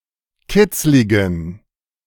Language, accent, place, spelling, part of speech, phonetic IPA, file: German, Germany, Berlin, kitzligen, adjective, [ˈkɪt͡slɪɡn̩], De-kitzligen.ogg
- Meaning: inflection of kitzlig: 1. strong genitive masculine/neuter singular 2. weak/mixed genitive/dative all-gender singular 3. strong/weak/mixed accusative masculine singular 4. strong dative plural